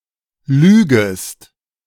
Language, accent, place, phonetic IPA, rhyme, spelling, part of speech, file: German, Germany, Berlin, [ˈlyːɡəst], -yːɡəst, lügest, verb, De-lügest.ogg
- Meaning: second-person singular subjunctive I of lügen